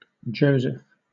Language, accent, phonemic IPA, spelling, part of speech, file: English, Southern England, /ˈd͡ʒəʊzɪf/, Joseph, proper noun / noun, LL-Q1860 (eng)-Joseph.wav
- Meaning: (proper noun) 1. Eleventh and favorite son of Jacob, by his wife Rachel 2. The husband of Mary, mother of Jesus 3. The 12th sura (chapter) of the Qur'an